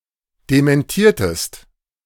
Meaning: inflection of dementieren: 1. second-person singular preterite 2. second-person singular subjunctive II
- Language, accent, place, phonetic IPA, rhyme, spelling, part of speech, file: German, Germany, Berlin, [demɛnˈtiːɐ̯təst], -iːɐ̯təst, dementiertest, verb, De-dementiertest.ogg